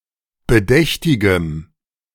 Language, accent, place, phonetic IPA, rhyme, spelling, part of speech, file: German, Germany, Berlin, [bəˈdɛçtɪɡəm], -ɛçtɪɡəm, bedächtigem, adjective, De-bedächtigem.ogg
- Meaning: strong dative masculine/neuter singular of bedächtig